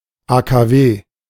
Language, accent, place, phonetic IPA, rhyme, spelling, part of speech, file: German, Germany, Berlin, [aːkaːˈveː], -eː, AKW, abbreviation, De-AKW.ogg
- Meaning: initialism of Atomkraftwerk (“nuclear power plant”)